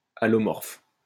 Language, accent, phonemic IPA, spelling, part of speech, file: French, France, /a.lɔ.mɔʁf/, allomorphe, noun, LL-Q150 (fra)-allomorphe.wav
- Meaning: allomorph